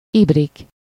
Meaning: ibrik (ewer)
- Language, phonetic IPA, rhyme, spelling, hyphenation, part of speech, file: Hungarian, [ˈibrik], -ik, ibrik, ib‧rik, noun, Hu-ibrik.ogg